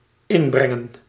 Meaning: 1. to add, to contribute 2. to have a say
- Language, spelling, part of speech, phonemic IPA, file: Dutch, inbrengen, verb, /ˈɪmˌbrɛŋə(n)/, Nl-inbrengen.ogg